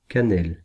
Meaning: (noun) cinnamon (the spice); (adjective) cinnamon (in colour)
- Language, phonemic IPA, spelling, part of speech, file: French, /ka.nɛl/, cannelle, noun / adjective, Fr-cannelle.ogg